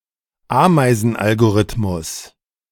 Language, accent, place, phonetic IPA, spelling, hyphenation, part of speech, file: German, Germany, Berlin, [ˈaːmaɪ̯zn̩ˌʔalɡoʀɪtmʊs], Ameisenalgorithmus, Amei‧sen‧al‧go‧rith‧mus, noun, De-Ameisenalgorithmus.ogg
- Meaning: ant algorithm